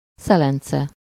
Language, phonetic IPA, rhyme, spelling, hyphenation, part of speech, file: Hungarian, [ˈsɛlɛnt͡sɛ], -t͡sɛ, szelence, sze‧len‧ce, noun, Hu-szelence.ogg
- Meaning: box, case, étui (a small decorative box usually made of metal)